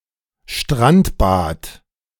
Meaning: A bathing beach at a lake or a river
- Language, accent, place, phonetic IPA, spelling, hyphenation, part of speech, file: German, Germany, Berlin, [ʃtʁantbat], Strandbad, Strand‧bad, noun, De-Strandbad.ogg